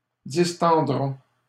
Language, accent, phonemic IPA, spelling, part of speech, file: French, Canada, /dis.tɑ̃.dʁɔ̃/, distendront, verb, LL-Q150 (fra)-distendront.wav
- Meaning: third-person plural simple future of distendre